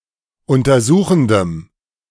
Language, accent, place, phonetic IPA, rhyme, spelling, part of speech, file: German, Germany, Berlin, [ˌʊntɐˈzuːxn̩dəm], -uːxn̩dəm, untersuchendem, adjective, De-untersuchendem.ogg
- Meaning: strong dative masculine/neuter singular of untersuchend